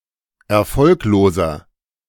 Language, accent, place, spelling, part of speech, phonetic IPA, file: German, Germany, Berlin, erfolgloser, adjective, [ɛɐ̯ˈfɔlkloːzɐ], De-erfolgloser.ogg
- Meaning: 1. comparative degree of erfolglos 2. inflection of erfolglos: strong/mixed nominative masculine singular 3. inflection of erfolglos: strong genitive/dative feminine singular